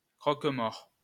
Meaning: post-1990 spelling of croque-mort
- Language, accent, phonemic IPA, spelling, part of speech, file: French, France, /kʁɔk.mɔʁ/, croquemort, noun, LL-Q150 (fra)-croquemort.wav